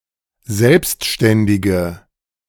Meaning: inflection of selbstständig: 1. strong/mixed nominative/accusative feminine singular 2. strong nominative/accusative plural 3. weak nominative all-gender singular
- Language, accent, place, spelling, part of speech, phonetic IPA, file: German, Germany, Berlin, selbstständige, adjective, [ˈzɛlpstʃtɛndɪɡə], De-selbstständige.ogg